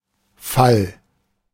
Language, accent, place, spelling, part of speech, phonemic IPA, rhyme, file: German, Germany, Berlin, Fall, noun, /fal/, -al, De-Fall.ogg
- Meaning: 1. fall, drop (the act of falling or an instance thereof) 2. fall, capture (the act of being seized by enemy forces) 3. fall; the loss of one's innocence, honour, reputation, fortune, etc